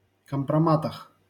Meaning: prepositional plural of компрома́т (kompromát)
- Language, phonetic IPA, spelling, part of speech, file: Russian, [kəmprɐˈmatəx], компроматах, noun, LL-Q7737 (rus)-компроматах.wav